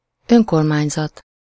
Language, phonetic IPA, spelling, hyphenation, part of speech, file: Hungarian, [ˈøŋkormaːɲzɒt], önkormányzat, ön‧kor‧mány‧zat, noun, Hu-önkormányzat.ogg
- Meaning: local government, commune